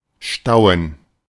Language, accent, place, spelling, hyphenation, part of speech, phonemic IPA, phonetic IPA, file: German, Germany, Berlin, stauen, stau‧en, verb, /ʃtaʊ̯ən/, [ʃtaʊ̯n̩], De-stauen.ogg
- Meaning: 1. to stow (cargo) 2. to dam (block a river or similar by building a dam) 3. to accumulate, to build up, to get backed up